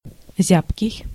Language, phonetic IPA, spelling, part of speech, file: Russian, [ˈzʲapkʲɪj], зябкий, adjective, Ru-зябкий.ogg
- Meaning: sensitive to cold